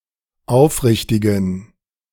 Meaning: inflection of aufrichtig: 1. strong genitive masculine/neuter singular 2. weak/mixed genitive/dative all-gender singular 3. strong/weak/mixed accusative masculine singular 4. strong dative plural
- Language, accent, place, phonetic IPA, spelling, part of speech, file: German, Germany, Berlin, [ˈaʊ̯fˌʁɪçtɪɡn̩], aufrichtigen, adjective, De-aufrichtigen.ogg